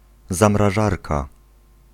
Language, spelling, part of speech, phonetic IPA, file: Polish, zamrażarka, noun, [ˌzãmraˈʒarka], Pl-zamrażarka.ogg